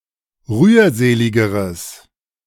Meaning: strong/mixed nominative/accusative neuter singular comparative degree of rührselig
- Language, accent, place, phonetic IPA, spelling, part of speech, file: German, Germany, Berlin, [ˈʁyːɐ̯ˌzeːlɪɡəʁəs], rührseligeres, adjective, De-rührseligeres.ogg